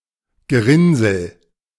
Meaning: blood clot
- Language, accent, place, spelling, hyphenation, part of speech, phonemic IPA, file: German, Germany, Berlin, Gerinnsel, Ge‧rinn‧sel, noun, /ɡəˈʁɪnzəl/, De-Gerinnsel.ogg